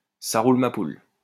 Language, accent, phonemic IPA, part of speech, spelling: French, France, /sa ʁul | ma pul/, phrase, ça roule, ma poule
- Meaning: alternative form of ça roule